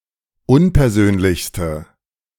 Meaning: inflection of unpersönlich: 1. strong/mixed nominative/accusative feminine singular superlative degree 2. strong nominative/accusative plural superlative degree
- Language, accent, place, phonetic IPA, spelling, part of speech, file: German, Germany, Berlin, [ˈʊnpɛɐ̯ˌzøːnlɪçstə], unpersönlichste, adjective, De-unpersönlichste.ogg